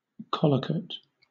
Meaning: A component word of a collocation; a word that collocates with another
- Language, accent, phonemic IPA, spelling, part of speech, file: English, Southern England, /ˈkɒləkət/, collocate, noun, LL-Q1860 (eng)-collocate.wav